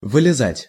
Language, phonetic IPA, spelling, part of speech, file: Russian, [vɨlʲɪˈzatʲ], вылезать, verb, Ru-вылезать.ogg
- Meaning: 1. to get out, to climb out, to get off 2. to fall out, to come out